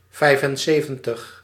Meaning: seventy-five
- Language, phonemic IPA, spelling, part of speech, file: Dutch, /ˈvɛi̯fənˌseːvə(n)təx/, vijfenzeventig, numeral, Nl-vijfenzeventig.ogg